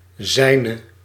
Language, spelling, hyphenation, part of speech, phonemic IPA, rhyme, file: Dutch, zijne, zij‧ne, pronoun / determiner, /ˈzɛi̯.nə/, -ɛi̯nə, Nl-zijne.ogg
- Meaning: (pronoun) non-attributive form of zijn (English: his); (determiner) 1. nominative/accusative feminine singular attributive of zijn 2. nominative/accusative plural attributive of zijn